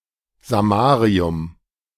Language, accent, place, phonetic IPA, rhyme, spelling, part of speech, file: German, Germany, Berlin, [zaˈmaːʁiʊm], -aːʁiʊm, Samarium, noun, De-Samarium.ogg
- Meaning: samarium